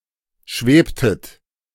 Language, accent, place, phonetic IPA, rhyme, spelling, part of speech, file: German, Germany, Berlin, [ˈʃveːptət], -eːptət, schwebtet, verb, De-schwebtet.ogg
- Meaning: inflection of schweben: 1. second-person plural preterite 2. second-person plural subjunctive II